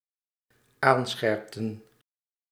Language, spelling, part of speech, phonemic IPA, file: Dutch, aanscherpten, verb, /ˈansxɛrᵊptə(n)/, Nl-aanscherpten.ogg
- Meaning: inflection of aanscherpen: 1. plural dependent-clause past indicative 2. plural dependent-clause past subjunctive